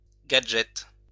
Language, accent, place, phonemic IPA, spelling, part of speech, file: French, France, Lyon, /ɡa.dʒɛt/, gadget, noun, LL-Q150 (fra)-gadget.wav
- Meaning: gadget